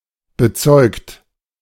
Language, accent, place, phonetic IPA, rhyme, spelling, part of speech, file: German, Germany, Berlin, [bəˈt͡sɔɪ̯kt], -ɔɪ̯kt, bezeugt, adjective / verb, De-bezeugt.ogg
- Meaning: 1. past participle of bezeugen 2. inflection of bezeugen: third-person singular present 3. inflection of bezeugen: second-person plural present 4. inflection of bezeugen: plural imperative